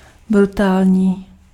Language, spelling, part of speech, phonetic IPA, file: Czech, brutální, adjective, [ˈbrutaːlɲiː], Cs-brutální.ogg
- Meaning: brutal, atrocious